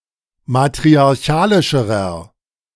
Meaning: inflection of matriarchalisch: 1. strong/mixed nominative masculine singular comparative degree 2. strong genitive/dative feminine singular comparative degree
- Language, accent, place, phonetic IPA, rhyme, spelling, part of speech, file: German, Germany, Berlin, [matʁiaʁˈçaːlɪʃəʁɐ], -aːlɪʃəʁɐ, matriarchalischerer, adjective, De-matriarchalischerer.ogg